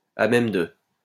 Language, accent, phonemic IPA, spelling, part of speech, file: French, France, /a mɛm də/, à même de, adjective, LL-Q150 (fra)-à même de.wav
- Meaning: capable of, ready to